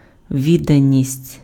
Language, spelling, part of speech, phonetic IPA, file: Ukrainian, відданість, noun, [ˈʋʲidːɐnʲisʲtʲ], Uk-відданість.ogg
- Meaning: devotion, devotedness, dedication, faithfulness, fidelity, loyalty, attachment